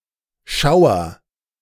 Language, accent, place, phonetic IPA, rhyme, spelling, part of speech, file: German, Germany, Berlin, [ˈʃaʊ̯ɐ], -aʊ̯ɐ, schauer, adjective, De-schauer.ogg
- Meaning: inflection of schauern: 1. first-person singular present 2. singular imperative